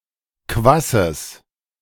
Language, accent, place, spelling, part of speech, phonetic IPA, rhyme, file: German, Germany, Berlin, Kwasses, noun, [ˈkvasəs], -asəs, De-Kwasses.ogg
- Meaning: genitive singular of Kwass and Kwaß